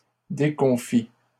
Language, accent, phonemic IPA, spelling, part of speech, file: French, Canada, /de.kɔ̃.fi/, déconfits, adjective, LL-Q150 (fra)-déconfits.wav
- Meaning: masculine plural of déconfit